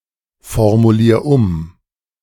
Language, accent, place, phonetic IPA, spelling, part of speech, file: German, Germany, Berlin, [fɔʁmuˌliːɐ̯ ˈʊm], formulier um, verb, De-formulier um.ogg
- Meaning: 1. singular imperative of umformulieren 2. first-person singular present of umformulieren